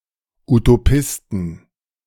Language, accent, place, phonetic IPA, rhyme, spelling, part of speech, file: German, Germany, Berlin, [utoˈpɪstn̩], -ɪstn̩, Utopisten, noun, De-Utopisten.ogg
- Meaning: 1. genitive singular of Utopist 2. plural of Utopist